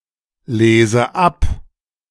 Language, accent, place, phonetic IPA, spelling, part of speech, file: German, Germany, Berlin, [ˌleːzə ˈap], lese ab, verb, De-lese ab.ogg
- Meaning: inflection of ablesen: 1. first-person singular present 2. first/third-person singular subjunctive I